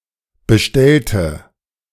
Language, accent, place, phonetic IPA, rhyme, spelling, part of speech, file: German, Germany, Berlin, [bəˈʃtɛltə], -ɛltə, bestellte, adjective / verb, De-bestellte.ogg
- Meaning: inflection of bestellen: 1. first/third-person singular preterite 2. first/third-person singular subjunctive II